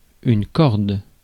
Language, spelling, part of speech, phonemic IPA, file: French, corde, noun / verb, /kɔʁd/, Fr-corde.ogg
- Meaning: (noun) 1. rope (general) 2. chord 3. chord (of a string instrument) 4. chord (vocal chord) 5. line (washing line, for hanging clothes to dry)